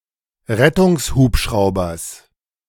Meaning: genitive of Rettungshubschrauber
- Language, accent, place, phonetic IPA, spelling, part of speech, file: German, Germany, Berlin, [ˈʁɛtʊŋsˌhuːpʃʁaʊ̯bɐs], Rettungshubschraubers, noun, De-Rettungshubschraubers.ogg